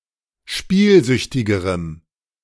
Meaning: strong dative masculine/neuter singular comparative degree of spielsüchtig
- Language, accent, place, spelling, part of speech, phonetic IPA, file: German, Germany, Berlin, spielsüchtigerem, adjective, [ˈʃpiːlˌzʏçtɪɡəʁəm], De-spielsüchtigerem.ogg